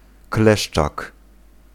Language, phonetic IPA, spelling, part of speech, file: Polish, [ˈklɛʃt͡ʃak], kleszczak, noun, Pl-kleszczak.ogg